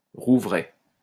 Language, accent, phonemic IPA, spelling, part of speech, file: French, France, /ʁu.vʁɛ/, rouvraie, noun, LL-Q150 (fra)-rouvraie.wav
- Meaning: a sessile oak grove